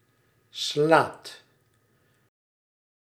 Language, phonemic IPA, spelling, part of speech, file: Dutch, /slaːt/, slaat, verb, Nl-slaat.ogg
- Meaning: inflection of slaan: 1. second/third-person singular present indicative 2. plural imperative